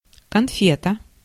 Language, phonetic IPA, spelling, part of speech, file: Russian, [kɐnˈfʲetə], конфета, noun, Ru-конфета.ogg
- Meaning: sweet (sugary confection), bonbon, sweetmeat, candy